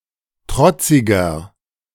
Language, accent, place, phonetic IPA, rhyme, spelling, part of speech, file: German, Germany, Berlin, [ˈtʁɔt͡sɪɡɐ], -ɔt͡sɪɡɐ, trotziger, adjective, De-trotziger.ogg
- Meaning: 1. comparative degree of trotzig 2. inflection of trotzig: strong/mixed nominative masculine singular 3. inflection of trotzig: strong genitive/dative feminine singular